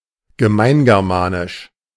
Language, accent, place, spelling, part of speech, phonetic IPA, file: German, Germany, Berlin, gemeingermanisch, adjective, [ɡəˈmaɪ̯nɡɛʁˌmaːnɪʃ], De-gemeingermanisch.ogg
- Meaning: Common Germanic